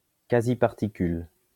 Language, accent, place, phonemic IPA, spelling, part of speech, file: French, France, Lyon, /ka.zi.paʁ.ti.kyl/, quasiparticule, noun, LL-Q150 (fra)-quasiparticule.wav
- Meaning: alternative form of quasi-particule